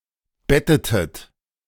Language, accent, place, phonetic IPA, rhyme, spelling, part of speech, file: German, Germany, Berlin, [ˈbɛtətət], -ɛtətət, bettetet, verb, De-bettetet.ogg
- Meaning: inflection of betten: 1. second-person plural preterite 2. second-person plural subjunctive II